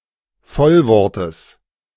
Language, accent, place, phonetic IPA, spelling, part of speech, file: German, Germany, Berlin, [ˈfɔlvɔʁtəs], Vollwortes, noun, De-Vollwortes.ogg
- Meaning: genitive singular of Vollwort